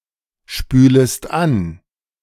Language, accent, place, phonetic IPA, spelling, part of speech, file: German, Germany, Berlin, [ˌʃpyːləst ˈan], spülest an, verb, De-spülest an.ogg
- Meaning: second-person singular subjunctive I of anspülen